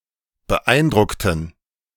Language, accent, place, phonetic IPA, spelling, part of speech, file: German, Germany, Berlin, [bəˈʔaɪ̯nˌdʁʊktn̩], beeindruckten, adjective / verb, De-beeindruckten.ogg
- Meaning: inflection of beeindrucken: 1. first/third-person plural preterite 2. first/third-person plural subjunctive II